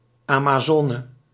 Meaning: female horse rider, female equestrian
- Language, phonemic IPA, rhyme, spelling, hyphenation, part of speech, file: Dutch, /ˌaː.maːˈzɔː.nə/, -ɔːnə, amazone, ama‧zo‧ne, noun, Nl-amazone.ogg